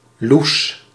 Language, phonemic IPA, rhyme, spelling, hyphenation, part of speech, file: Dutch, /lus/, -us, Loes, Loes, proper noun, Nl-Loes.ogg
- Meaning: a female given name